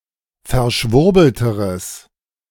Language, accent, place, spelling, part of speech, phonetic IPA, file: German, Germany, Berlin, verschwurbelteres, adjective, [fɛɐ̯ˈʃvʊʁbl̩təʁəs], De-verschwurbelteres.ogg
- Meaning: strong/mixed nominative/accusative neuter singular comparative degree of verschwurbelt